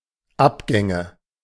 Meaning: nominative/accusative/genitive plural of Abgang
- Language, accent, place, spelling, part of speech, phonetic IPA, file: German, Germany, Berlin, Abgänge, noun, [ˈapˌɡɛŋə], De-Abgänge.ogg